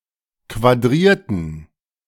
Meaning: inflection of quadrieren: 1. first/third-person plural preterite 2. first/third-person plural subjunctive II
- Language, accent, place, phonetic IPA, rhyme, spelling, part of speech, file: German, Germany, Berlin, [kvaˈdʁiːɐ̯tn̩], -iːɐ̯tn̩, quadrierten, adjective / verb, De-quadrierten.ogg